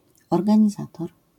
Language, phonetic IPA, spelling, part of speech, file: Polish, [ˌɔrɡãɲiˈzatɔr], organizator, noun, LL-Q809 (pol)-organizator.wav